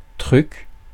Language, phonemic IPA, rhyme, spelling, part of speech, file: French, /tʁyk/, -yk, truc, noun, Fr-truc.ogg
- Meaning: 1. procedure, technique 2. thingamajig, thingy, thing 3. trick